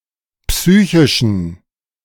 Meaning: inflection of psychisch: 1. strong genitive masculine/neuter singular 2. weak/mixed genitive/dative all-gender singular 3. strong/weak/mixed accusative masculine singular 4. strong dative plural
- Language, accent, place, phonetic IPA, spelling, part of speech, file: German, Germany, Berlin, [ˈpsyːçɪʃn̩], psychischen, adjective, De-psychischen.ogg